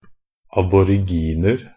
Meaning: 1. an Aboriginal (aboriginal inhabitant of Australia and surrounding islands in Oceania) 2. indefinite plural of aborigin
- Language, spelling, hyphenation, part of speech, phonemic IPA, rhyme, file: Norwegian Bokmål, aboriginer, ab‧or‧ig‧in‧er, noun, /abɔrɪˈɡiːnər/, -ər, NB - Pronunciation of Norwegian Bokmål «aboriginer».ogg